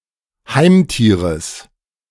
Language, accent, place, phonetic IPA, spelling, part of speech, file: German, Germany, Berlin, [ˈhaɪ̯mˌtiːʁəs], Heimtieres, noun, De-Heimtieres.ogg
- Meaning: genitive singular of Heimtier